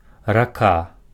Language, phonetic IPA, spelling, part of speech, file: Belarusian, [raˈka], рака, noun, Be-рака.ogg
- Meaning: river